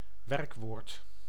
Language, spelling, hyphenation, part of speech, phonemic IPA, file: Dutch, werkwoord, werk‧woord, noun, /ˈʋɛr(ə)kˌʋoːrt/, Nl-werkwoord.ogg
- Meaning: 1. verb 2. something which requires continuous effort; an ongoing process